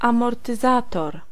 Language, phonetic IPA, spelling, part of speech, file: Polish, [ˌãmɔrtɨˈzatɔr], amortyzator, noun, Pl-amortyzator.ogg